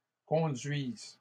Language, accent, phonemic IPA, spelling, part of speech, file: French, Canada, /kɔ̃.dɥiz/, conduises, verb, LL-Q150 (fra)-conduises.wav
- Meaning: second-person singular present subjunctive of conduire